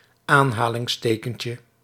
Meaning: diminutive of aanhalingsteken
- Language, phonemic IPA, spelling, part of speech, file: Dutch, /ˈanhalɪŋsˌtekəɲcə/, aanhalingstekentje, noun, Nl-aanhalingstekentje.ogg